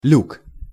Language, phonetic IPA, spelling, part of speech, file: Russian, [lʲuk], люк, noun, Ru-люк.ogg
- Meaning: 1. hatch, hatchway 2. port